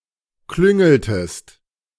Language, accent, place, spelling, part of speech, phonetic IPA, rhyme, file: German, Germany, Berlin, klüngeltest, verb, [ˈklʏŋl̩təst], -ʏŋl̩təst, De-klüngeltest.ogg
- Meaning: inflection of klüngeln: 1. second-person singular preterite 2. second-person singular subjunctive II